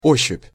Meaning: the use of the sense of touch, the act of groping
- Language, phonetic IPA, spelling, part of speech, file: Russian, [ˈoɕːʉpʲ], ощупь, noun, Ru-ощупь.ogg